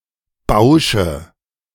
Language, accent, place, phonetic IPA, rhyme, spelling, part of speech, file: German, Germany, Berlin, [ˈbaʊ̯ʃə], -aʊ̯ʃə, Bausche, noun, De-Bausche.ogg
- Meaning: nominative/accusative/genitive plural of Bausch